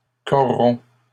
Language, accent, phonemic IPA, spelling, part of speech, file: French, Canada, /kɔ.ʁɔ̃/, corrompt, verb, LL-Q150 (fra)-corrompt.wav
- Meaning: third-person singular present indicative of corrompre